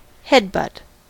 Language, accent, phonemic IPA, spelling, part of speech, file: English, US, /ˈhɛdbʌt/, headbutt, noun / verb, En-us-headbutt.ogg
- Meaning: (noun) A sharp blow delivered by driving the head into an opponent or object, generally by lowering the head and charging forward or by rapidly tilting the head backward and then forward